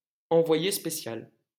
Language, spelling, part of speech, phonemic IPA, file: French, envoyé spécial, noun, /ɑ̃.vwa.je spe.sjal/, LL-Q150 (fra)-envoyé spécial.wav
- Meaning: special correspondent; special envoy